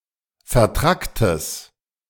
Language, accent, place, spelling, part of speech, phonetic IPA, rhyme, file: German, Germany, Berlin, vertracktes, adjective, [fɛɐ̯ˈtʁaktəs], -aktəs, De-vertracktes.ogg
- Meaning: strong/mixed nominative/accusative neuter singular of vertrackt